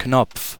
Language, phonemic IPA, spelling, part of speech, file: German, /knɔpf/, Knopf, noun / proper noun, De-Knopf.ogg
- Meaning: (noun) 1. button (fastener) 2. button (mechanical device) 3. stud, knob, e.g. a doorknob 4. a simple knot; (proper noun) a surname